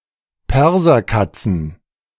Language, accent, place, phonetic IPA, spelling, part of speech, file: German, Germany, Berlin, [ˈpɛʁzɐˌkat͡sn̩], Perserkatzen, noun, De-Perserkatzen.ogg
- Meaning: plural of Perserkatze